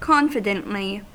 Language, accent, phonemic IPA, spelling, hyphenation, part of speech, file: English, US, /ˈkɑnfɪdəntli/, confidently, con‧fi‧dent‧ly, adverb, En-us-confidently.ogg
- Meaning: In a confident manner; with confidence; with strong assurance; positively